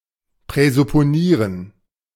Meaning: to presuppose
- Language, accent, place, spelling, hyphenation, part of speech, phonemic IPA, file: German, Germany, Berlin, präsupponieren, prä‧sup‧po‧nie‧ren, verb, /pʁɛzʊpoˈniːʁən/, De-präsupponieren.ogg